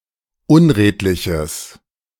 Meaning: strong/mixed nominative/accusative neuter singular of unredlich
- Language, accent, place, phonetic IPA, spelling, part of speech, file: German, Germany, Berlin, [ˈʊnˌʁeːtlɪçəs], unredliches, adjective, De-unredliches.ogg